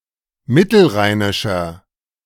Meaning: inflection of mittelrheinisch: 1. strong/mixed nominative masculine singular 2. strong genitive/dative feminine singular 3. strong genitive plural
- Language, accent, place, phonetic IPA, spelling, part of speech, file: German, Germany, Berlin, [ˈmɪtl̩ˌʁaɪ̯nɪʃɐ], mittelrheinischer, adjective, De-mittelrheinischer.ogg